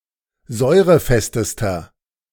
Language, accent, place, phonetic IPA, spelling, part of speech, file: German, Germany, Berlin, [ˈzɔɪ̯ʁəˌfɛstəstɐ], säurefestester, adjective, De-säurefestester.ogg
- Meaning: inflection of säurefest: 1. strong/mixed nominative masculine singular superlative degree 2. strong genitive/dative feminine singular superlative degree 3. strong genitive plural superlative degree